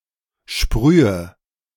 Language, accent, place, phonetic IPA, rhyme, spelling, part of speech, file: German, Germany, Berlin, [ˈʃpʁyːə], -yːə, sprühe, verb, De-sprühe.ogg
- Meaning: inflection of sprühen: 1. first-person singular present 2. first/third-person singular subjunctive I 3. singular imperative